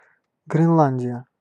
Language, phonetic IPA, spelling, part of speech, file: Russian, [ɡrʲɪnˈɫanʲdʲɪjə], Гренландия, proper noun, Ru-Гренландия.ogg
- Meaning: Greenland (a large self-governing dependent territory of Denmark, in North America)